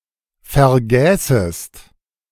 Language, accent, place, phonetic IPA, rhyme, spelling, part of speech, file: German, Germany, Berlin, [fɛɐ̯ˈɡɛːsəst], -ɛːsəst, vergäßest, verb, De-vergäßest.ogg
- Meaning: second-person singular subjunctive II of vergessen